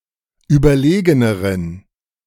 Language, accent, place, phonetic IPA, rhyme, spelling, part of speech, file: German, Germany, Berlin, [ˌyːbɐˈleːɡənəʁən], -eːɡənəʁən, überlegeneren, adjective, De-überlegeneren.ogg
- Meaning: inflection of überlegen: 1. strong genitive masculine/neuter singular comparative degree 2. weak/mixed genitive/dative all-gender singular comparative degree